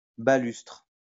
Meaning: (noun) 1. baluster 2. balustrade; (verb) inflection of balustrer: 1. first/third-person singular present indicative/subjunctive 2. second-person singular imperative
- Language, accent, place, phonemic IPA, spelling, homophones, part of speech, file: French, France, Lyon, /ba.lystʁ/, balustre, balustrent / balustres, noun / verb, LL-Q150 (fra)-balustre.wav